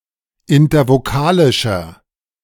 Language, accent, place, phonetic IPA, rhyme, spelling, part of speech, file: German, Germany, Berlin, [ɪntɐvoˈkaːlɪʃɐ], -aːlɪʃɐ, intervokalischer, adjective, De-intervokalischer.ogg
- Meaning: inflection of intervokalisch: 1. strong/mixed nominative masculine singular 2. strong genitive/dative feminine singular 3. strong genitive plural